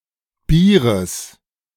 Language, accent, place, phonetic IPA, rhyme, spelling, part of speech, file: German, Germany, Berlin, [ˈbiːʁəs], -iːʁəs, Bieres, noun, De-Bieres.ogg
- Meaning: genitive singular of Bier